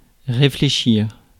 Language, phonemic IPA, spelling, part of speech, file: French, /ʁe.fle.ʃiʁ/, réfléchir, verb, Fr-réfléchir.ogg
- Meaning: 1. to reflect 2. to reflect, to manifest, to show 3. to ponder, to reflect 4. to realize 5. to judge, to deem 6. to be reflected